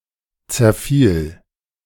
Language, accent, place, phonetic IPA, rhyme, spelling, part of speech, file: German, Germany, Berlin, [t͡sɛɐ̯ˈfiːl], -iːl, zerfiel, verb, De-zerfiel.ogg
- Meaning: first/third-person singular preterite of zerfallen